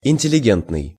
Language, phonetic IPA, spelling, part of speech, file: Russian, [ɪnʲtʲɪlʲɪˈɡʲentnɨj], интеллигентный, adjective, Ru-интеллигентный.ogg
- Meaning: cultured, civilized, refined, educated